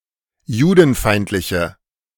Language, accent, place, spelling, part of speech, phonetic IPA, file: German, Germany, Berlin, judenfeindliche, adjective, [ˈjuːdn̩ˌfaɪ̯ntlɪçə], De-judenfeindliche.ogg
- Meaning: inflection of judenfeindlich: 1. strong/mixed nominative/accusative feminine singular 2. strong nominative/accusative plural 3. weak nominative all-gender singular